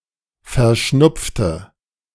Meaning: inflection of verschnupft: 1. strong/mixed nominative/accusative feminine singular 2. strong nominative/accusative plural 3. weak nominative all-gender singular
- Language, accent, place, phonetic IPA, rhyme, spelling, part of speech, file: German, Germany, Berlin, [fɛɐ̯ˈʃnʊp͡ftə], -ʊp͡ftə, verschnupfte, adjective / verb, De-verschnupfte.ogg